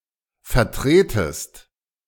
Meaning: second-person singular subjunctive I of vertreten
- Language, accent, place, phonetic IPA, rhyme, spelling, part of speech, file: German, Germany, Berlin, [fɛɐ̯ˈtʁeːtəst], -eːtəst, vertretest, verb, De-vertretest.ogg